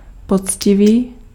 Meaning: 1. honest, fair, square 2. virgin (of an unmarried woman) 3. true (of a married woman)
- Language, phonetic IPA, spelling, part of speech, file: Czech, [ˈpot͡scɪviː], poctivý, adjective, Cs-poctivý.ogg